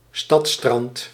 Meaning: an urban beach, often an artificial beach
- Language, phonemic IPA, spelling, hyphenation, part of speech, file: Dutch, /ˈstɑt.strɑnt/, stadsstrand, stads‧strand, noun, Nl-stadsstrand.ogg